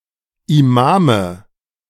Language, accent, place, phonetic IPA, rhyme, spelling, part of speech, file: German, Germany, Berlin, [iˈmaːmə], -aːmə, Imame, noun, De-Imame.ogg
- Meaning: nominative/accusative/genitive plural of Imam